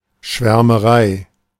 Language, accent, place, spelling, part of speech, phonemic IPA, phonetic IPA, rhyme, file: German, Germany, Berlin, Schwärmerei, noun, /ʃvɛʁməˈʁaɪ̯/, [ʃveɐ̯mɐˈʁaɪ̯], -aɪ̯, De-Schwärmerei.ogg
- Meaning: enthusiasm, rapture, fanaticism, ecstasy